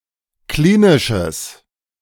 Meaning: strong/mixed nominative/accusative neuter singular of klinisch
- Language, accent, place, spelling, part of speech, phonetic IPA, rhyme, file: German, Germany, Berlin, klinisches, adjective, [ˈkliːnɪʃəs], -iːnɪʃəs, De-klinisches.ogg